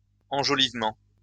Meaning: embellishment
- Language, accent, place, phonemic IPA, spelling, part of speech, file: French, France, Lyon, /ɑ̃.ʒɔ.liv.mɑ̃/, enjolivement, noun, LL-Q150 (fra)-enjolivement.wav